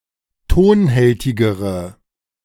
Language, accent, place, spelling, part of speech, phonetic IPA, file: German, Germany, Berlin, tonhältigere, adjective, [ˈtoːnˌhɛltɪɡəʁə], De-tonhältigere.ogg
- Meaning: inflection of tonhältig: 1. strong/mixed nominative/accusative feminine singular comparative degree 2. strong nominative/accusative plural comparative degree